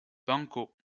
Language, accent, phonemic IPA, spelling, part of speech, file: French, France, /bɑ̃.ko/, banco, adjective, LL-Q150 (fra)-banco.wav
- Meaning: banco